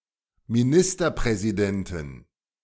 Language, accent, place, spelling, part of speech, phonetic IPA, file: German, Germany, Berlin, Ministerpräsidenten, noun, [miˈnɪstɐpʁɛzidɛntn̩], De-Ministerpräsidenten.ogg
- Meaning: 1. genitive singular of Ministerpräsident 2. plural of Ministerpräsident